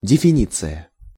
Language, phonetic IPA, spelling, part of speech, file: Russian, [dʲɪfʲɪˈnʲit͡sɨjə], дефиниция, noun, Ru-дефиниция.ogg
- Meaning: definition